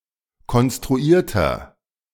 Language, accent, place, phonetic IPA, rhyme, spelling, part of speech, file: German, Germany, Berlin, [kɔnstʁuˈiːɐ̯tɐ], -iːɐ̯tɐ, konstruierter, adjective, De-konstruierter.ogg
- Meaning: inflection of konstruiert: 1. strong/mixed nominative masculine singular 2. strong genitive/dative feminine singular 3. strong genitive plural